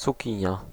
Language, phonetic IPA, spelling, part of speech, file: Polish, [t͡suˈcĩɲja], cukinia, noun, Pl-cukinia.ogg